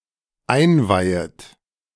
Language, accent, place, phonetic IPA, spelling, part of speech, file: German, Germany, Berlin, [ˈaɪ̯nˌvaɪ̯ət], einweihet, verb, De-einweihet.ogg
- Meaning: second-person plural dependent subjunctive I of einweihen